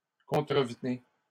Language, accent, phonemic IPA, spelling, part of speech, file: French, Canada, /kɔ̃.tʁə.v(ə).ne/, contrevenez, verb, LL-Q150 (fra)-contrevenez.wav
- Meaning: inflection of contrevenir: 1. second-person plural present indicative 2. second-person plural imperative